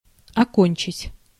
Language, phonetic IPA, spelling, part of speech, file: Russian, [ɐˈkonʲt͡ɕɪtʲ], окончить, verb, Ru-окончить.ogg
- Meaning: 1. to finish, to end, to complete 2. to graduate